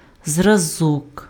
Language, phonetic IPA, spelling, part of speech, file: Ukrainian, [zrɐˈzɔk], зразок, noun, Uk-зразок.ogg
- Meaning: model, sample, example, specimen